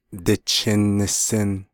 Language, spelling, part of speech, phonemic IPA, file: Navajo, dichin nisin, phrase, /tɪ̀t͡ʃʰɪ̀n nɪ̀sɪ̀n/, Nv-dichin nisin.ogg
- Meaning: I'm hungry